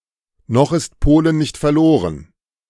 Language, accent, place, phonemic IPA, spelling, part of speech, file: German, Germany, Berlin, /ˌnɔx ɪst ˈpoːlən ˌnɪçt fɐˈloːʁən/, noch ist Polen nicht verloren, phrase, De-noch ist Polen nicht verloren.ogg
- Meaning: all is not lost; hope springs eternal